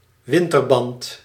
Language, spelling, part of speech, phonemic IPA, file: Dutch, winterband, noun, /ˈʋɪntərbɑnt/, Nl-winterband.ogg
- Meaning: winter tire